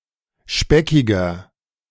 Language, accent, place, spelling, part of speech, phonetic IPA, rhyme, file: German, Germany, Berlin, speckiger, adjective, [ˈʃpɛkɪɡɐ], -ɛkɪɡɐ, De-speckiger.ogg
- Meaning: 1. comparative degree of speckig 2. inflection of speckig: strong/mixed nominative masculine singular 3. inflection of speckig: strong genitive/dative feminine singular